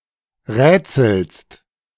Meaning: second-person singular present of rätseln
- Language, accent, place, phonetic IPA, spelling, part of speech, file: German, Germany, Berlin, [ˈʁɛːt͡sl̩st], rätselst, verb, De-rätselst.ogg